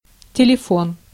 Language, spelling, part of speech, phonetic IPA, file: Russian, телефон, noun, [tʲɪlʲɪˈfon], Ru-телефон.ogg
- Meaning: 1. telephone 2. telephone number 3. small speaker near ears, earphone, headphone